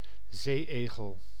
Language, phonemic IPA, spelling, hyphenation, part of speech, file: Dutch, /ˈzeːˌeːɣəl/, zee-egel, zee-egel, noun, Nl-zee-egel.ogg
- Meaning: a sea urchin, any of many marine echinoderms of the class Echinoidea